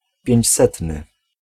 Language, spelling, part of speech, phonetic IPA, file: Polish, pięćsetny, adjective, [pʲjɛ̇̃ɲt͡ɕˈsɛtnɨ], Pl-pięćsetny.ogg